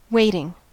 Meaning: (verb) present participle and gerund of wait; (noun) 1. Watching, observation; keeping watch, guarding 2. The act of staying or remaining in expectation 3. Attendance, service
- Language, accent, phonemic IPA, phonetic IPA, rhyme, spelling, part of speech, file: English, US, /ˈweɪtɪŋ/, [ˈweɪ̯ɾɪŋ], -eɪtɪŋ, waiting, verb / noun, En-us-waiting.ogg